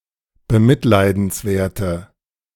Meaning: inflection of bemitleidenswert: 1. strong/mixed nominative/accusative feminine singular 2. strong nominative/accusative plural 3. weak nominative all-gender singular
- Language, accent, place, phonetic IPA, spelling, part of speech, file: German, Germany, Berlin, [bəˈmɪtlaɪ̯dn̩sˌvɛɐ̯tə], bemitleidenswerte, adjective, De-bemitleidenswerte.ogg